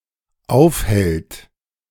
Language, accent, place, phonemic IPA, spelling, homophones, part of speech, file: German, Germany, Berlin, /ˈaʊ̯fˌhɛlt/, aufhält, aufhellt, verb, De-aufhält.ogg
- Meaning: third-person singular dependent present of aufhalten